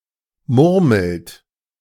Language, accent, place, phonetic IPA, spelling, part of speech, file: German, Germany, Berlin, [ˈmʊʁml̩t], murmelt, verb, De-murmelt.ogg
- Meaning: inflection of murmeln: 1. third-person singular present 2. second-person plural present 3. plural imperative